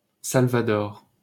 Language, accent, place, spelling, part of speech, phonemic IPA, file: French, France, Paris, Salvador, proper noun, /sal.va.dɔʁ/, LL-Q150 (fra)-Salvador.wav
- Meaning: El Salvador (a country in Central America)